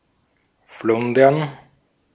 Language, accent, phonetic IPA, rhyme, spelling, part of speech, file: German, Austria, [ˈflʊndɐn], -ʊndɐn, Flundern, noun, De-at-Flundern.ogg
- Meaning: plural of Flunder